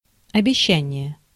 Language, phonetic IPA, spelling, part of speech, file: Russian, [ɐbʲɪˈɕːænʲɪje], обещание, noun, Ru-обещание.ogg
- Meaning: promise (vow)